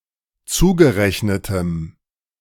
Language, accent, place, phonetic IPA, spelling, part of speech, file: German, Germany, Berlin, [ˈt͡suːɡəˌʁɛçnətəm], zugerechnetem, adjective, De-zugerechnetem.ogg
- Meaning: strong dative masculine/neuter singular of zugerechnet